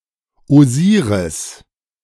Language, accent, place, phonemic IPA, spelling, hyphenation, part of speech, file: German, Germany, Berlin, /oˈziːʁɪs/, Osiris, Osi‧ris, proper noun, De-Osiris.ogg
- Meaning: Osiris (the Egyptian god of the dead and of the underworld)